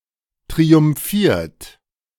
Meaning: 1. past participle of triumphieren 2. inflection of triumphieren: third-person singular present 3. inflection of triumphieren: second-person plural present
- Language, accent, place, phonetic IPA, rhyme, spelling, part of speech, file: German, Germany, Berlin, [tʁiʊmˈfiːɐ̯t], -iːɐ̯t, triumphiert, verb, De-triumphiert.ogg